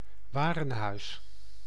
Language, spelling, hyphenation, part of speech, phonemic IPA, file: Dutch, warenhuis, wa‧ren‧huis, noun, /ˈʋaː.rə(n)ˌɦœy̯s/, Nl-warenhuis.ogg
- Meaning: 1. a department store 2. a warehouse 3. a greenhouse in which crop rotation is practised